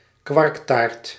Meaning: a cheesecake with a large layer of (often sweet) cottage cheese
- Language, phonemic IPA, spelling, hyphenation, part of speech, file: Dutch, /ˈkʋɑrk.taːrt/, kwarktaart, kwark‧taart, noun, Nl-kwarktaart.ogg